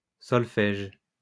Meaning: 1. the art of singing using the sol-fa system 2. sol-fa, solfège 3. music theory, the training and courses that come with it as well as one's knowledge of it
- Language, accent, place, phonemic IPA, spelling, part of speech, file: French, France, Lyon, /sɔl.fɛʒ/, solfège, noun, LL-Q150 (fra)-solfège.wav